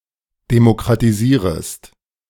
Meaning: second-person singular subjunctive I of demokratisieren
- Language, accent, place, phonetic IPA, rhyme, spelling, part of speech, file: German, Germany, Berlin, [demokʁatiˈziːʁəst], -iːʁəst, demokratisierest, verb, De-demokratisierest.ogg